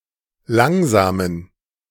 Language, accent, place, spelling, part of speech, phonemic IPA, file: German, Germany, Berlin, langsamen, adjective, /ˈlaŋzaːmən/, De-langsamen.ogg
- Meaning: inflection of langsam: 1. strong genitive masculine/neuter singular 2. weak/mixed genitive/dative all-gender singular 3. strong/weak/mixed accusative masculine singular 4. strong dative plural